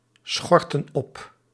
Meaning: inflection of opschorten: 1. plural present indicative 2. plural present subjunctive
- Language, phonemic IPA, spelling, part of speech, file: Dutch, /ˈsxɔrtə(n) ˈɔp/, schorten op, verb, Nl-schorten op.ogg